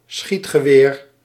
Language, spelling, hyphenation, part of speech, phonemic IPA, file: Dutch, schietgeweer, schiet‧ge‧weer, noun, /ˈsxit.xəˌʋeːr/, Nl-schietgeweer.ogg
- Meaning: a gun, a firearm